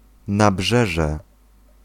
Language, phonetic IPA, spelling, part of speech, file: Polish, [naˈbʒɛʒɛ], nabrzeże, noun, Pl-nabrzeże.ogg